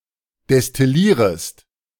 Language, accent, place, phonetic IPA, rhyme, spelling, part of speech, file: German, Germany, Berlin, [dɛstɪˈliːʁəst], -iːʁəst, destillierest, verb, De-destillierest.ogg
- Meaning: second-person singular subjunctive I of destillieren